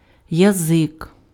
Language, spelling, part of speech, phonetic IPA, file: Ukrainian, язик, noun, [jɐˈzɪk], Uk-язик.ogg
- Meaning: 1. tongue 2. language, tongue 3. ethnos, nation, tribe 4. captive/prisoner willing to provide intel 5. clapper (of a bell)